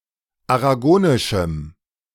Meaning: strong dative masculine/neuter singular of aragonisch
- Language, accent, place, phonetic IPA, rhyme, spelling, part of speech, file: German, Germany, Berlin, [aʁaˈɡoːnɪʃm̩], -oːnɪʃm̩, aragonischem, adjective, De-aragonischem.ogg